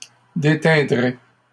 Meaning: first/second-person singular conditional of déteindre
- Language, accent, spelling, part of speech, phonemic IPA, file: French, Canada, déteindrais, verb, /de.tɛ̃.dʁɛ/, LL-Q150 (fra)-déteindrais.wav